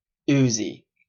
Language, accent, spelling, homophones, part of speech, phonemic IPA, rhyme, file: English, Canada, uzi, oozy, noun, /ˈuːzi/, -uːzi, En-ca-uzi.oga
- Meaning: A type of compact submachine gun, having a caliber of 9 millimeters with ammunition housed in the grip of the weapon